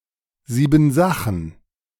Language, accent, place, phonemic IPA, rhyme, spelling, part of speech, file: German, Germany, Berlin, /ˈziːbm̩ˈzaxn̩/, -axn̩, Siebensachen, noun, De-Siebensachen.ogg
- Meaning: 1. luggage; tools (items carried around e.g. when travelling) 2. stuff 3. belongings